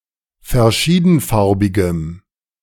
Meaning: strong dative masculine/neuter singular of verschiedenfarbig
- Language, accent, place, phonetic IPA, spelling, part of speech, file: German, Germany, Berlin, [fɛɐ̯ˈʃiːdn̩ˌfaʁbɪɡəm], verschiedenfarbigem, adjective, De-verschiedenfarbigem.ogg